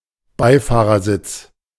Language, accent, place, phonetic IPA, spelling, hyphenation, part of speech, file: German, Germany, Berlin, [ˈbaɪ̯faːʁɐˌzɪt͡s], Beifahrersitz, Bei‧fah‧rer‧sitz, noun, De-Beifahrersitz.ogg
- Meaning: passenger seat